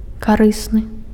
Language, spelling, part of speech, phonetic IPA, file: Belarusian, карысны, adjective, [kaˈrɨsnɨ], Be-карысны.ogg
- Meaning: 1. useful, helpful, advantageous, beneficial (having a practical or beneficial use) 2. profitable